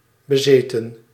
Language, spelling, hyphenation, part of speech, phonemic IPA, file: Dutch, bezeten, be‧ze‧ten, adjective / verb, /bəˈzeːtə(n)/, Nl-bezeten.ogg
- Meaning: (adjective) 1. possessed 2. obsessed; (verb) past participle of bezitten